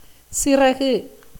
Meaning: 1. wing 2. feather
- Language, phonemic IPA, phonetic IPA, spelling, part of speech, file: Tamil, /tʃɪrɐɡɯ/, [sɪrɐɡɯ], சிறகு, noun, Ta-சிறகு.ogg